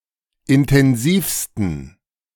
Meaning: 1. superlative degree of intensiv 2. inflection of intensiv: strong genitive masculine/neuter singular superlative degree
- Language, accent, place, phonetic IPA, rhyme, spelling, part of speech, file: German, Germany, Berlin, [ɪntɛnˈziːfstn̩], -iːfstn̩, intensivsten, adjective, De-intensivsten.ogg